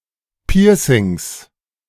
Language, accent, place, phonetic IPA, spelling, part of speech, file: German, Germany, Berlin, [ˈpiːɐ̯sɪŋs], Piercings, noun, De-Piercings.ogg
- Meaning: plural of Piercing